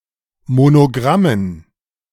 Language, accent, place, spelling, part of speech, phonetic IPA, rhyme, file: German, Germany, Berlin, Monogrammen, noun, [monoˈɡʁamən], -amən, De-Monogrammen.ogg
- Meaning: dative plural of Monogramm